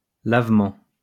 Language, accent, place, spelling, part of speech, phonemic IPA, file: French, France, Lyon, lavement, noun, /lav.mɑ̃/, LL-Q150 (fra)-lavement.wav
- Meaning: 1. wash; washing 2. enema